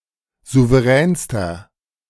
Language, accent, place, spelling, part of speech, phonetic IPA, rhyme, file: German, Germany, Berlin, souveränster, adjective, [ˌzuvəˈʁɛːnstɐ], -ɛːnstɐ, De-souveränster.ogg
- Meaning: inflection of souverän: 1. strong/mixed nominative masculine singular superlative degree 2. strong genitive/dative feminine singular superlative degree 3. strong genitive plural superlative degree